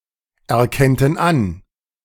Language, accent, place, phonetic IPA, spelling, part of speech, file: German, Germany, Berlin, [ɛɐ̯ˌkɛntn̩ ˈan], erkennten an, verb, De-erkennten an.ogg
- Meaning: first/third-person plural subjunctive II of anerkennen